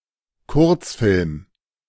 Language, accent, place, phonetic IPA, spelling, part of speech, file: German, Germany, Berlin, [ˈkʊʁt͡sˌfɪlm], Kurzfilm, noun, De-Kurzfilm.ogg
- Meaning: short film; clip